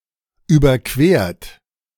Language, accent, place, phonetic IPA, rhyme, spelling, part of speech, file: German, Germany, Berlin, [ˌyːbɐˈkveːɐ̯t], -eːɐ̯t, überquert, verb, De-überquert.ogg
- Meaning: 1. past participle of überqueren 2. inflection of überqueren: third-person singular present 3. inflection of überqueren: second-person plural present 4. inflection of überqueren: plural imperative